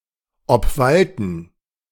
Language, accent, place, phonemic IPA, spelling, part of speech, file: German, Germany, Berlin, /ɔpˈvaltn̩/, obwalten, verb, De-obwalten.ogg
- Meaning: to prevail